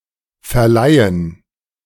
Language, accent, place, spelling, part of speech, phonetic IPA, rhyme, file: German, Germany, Berlin, Verleihen, noun, [fɛɐ̯ˈlaɪ̯ən], -aɪ̯ən, De-Verleihen.ogg
- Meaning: gerund of verleihen